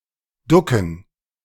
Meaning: to duck
- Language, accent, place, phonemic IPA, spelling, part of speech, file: German, Germany, Berlin, /ˈdʊkən/, ducken, verb, De-ducken.ogg